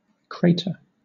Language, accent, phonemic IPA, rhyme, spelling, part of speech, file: English, Southern England, /ˈkɹeɪ.tə(ɹ)/, -eɪtə(ɹ), crater, noun / verb, LL-Q1860 (eng)-crater.wav
- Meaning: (noun) A hemispherical pit created by the impact of a meteorite or other object